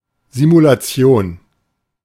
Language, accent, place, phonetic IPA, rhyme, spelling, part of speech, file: German, Germany, Berlin, [zimulaˈt͡si̯oːn], -oːn, Simulation, noun, De-Simulation.ogg
- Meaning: simulation